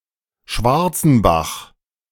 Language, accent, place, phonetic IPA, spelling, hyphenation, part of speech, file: German, Germany, Berlin, [ˈʃvaʁt͡sn̩ˌbax], Schwarzenbach, Schwar‧zen‧bach, proper noun, De-Schwarzenbach.ogg
- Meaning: 1. a town in w:Landkreis Hof district, Bavaria, Germany (Schwarzenbach an der Saale) 2. a town in w:Landkreis Hof district, Bavaria, Germany (Schwarzenbach am Wald)